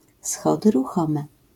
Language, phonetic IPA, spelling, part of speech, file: Polish, [ˈsxɔdɨ ruˈxɔ̃mɛ], schody ruchome, noun, LL-Q809 (pol)-schody ruchome.wav